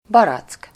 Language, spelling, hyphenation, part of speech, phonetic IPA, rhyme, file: Hungarian, barack, ba‧rack, noun, [ˈbɒrɒt͡sk], -ɒt͡sk, Hu-barack.ogg
- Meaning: 1. synonym of őszibarack (“peach”) 2. synonym of sárgabarack /kajszibarack (“apricot”)